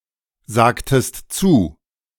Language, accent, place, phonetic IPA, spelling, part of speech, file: German, Germany, Berlin, [ˌzaːktəst ˈt͡suː], sagtest zu, verb, De-sagtest zu.ogg
- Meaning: inflection of zusagen: 1. second-person singular preterite 2. second-person singular subjunctive II